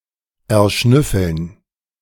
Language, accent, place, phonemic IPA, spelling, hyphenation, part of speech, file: German, Germany, Berlin, /ɛɐ̯ˈʃnʏfl̩n/, erschnüffeln, er‧schnüf‧feln, verb, De-erschnüffeln.ogg
- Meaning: to sniff out, to locate by smell